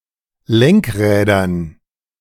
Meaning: dative plural of Lenkrad
- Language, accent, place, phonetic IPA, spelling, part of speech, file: German, Germany, Berlin, [ˈlɛŋkˌʁɛːdɐn], Lenkrädern, noun, De-Lenkrädern.ogg